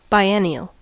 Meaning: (adjective) 1. Happening every two years 2. Lasting for two years
- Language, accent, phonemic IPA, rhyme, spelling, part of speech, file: English, US, /baɪˈɛn.i.əl/, -ɛniəl, biennial, adjective / noun, En-us-biennial.ogg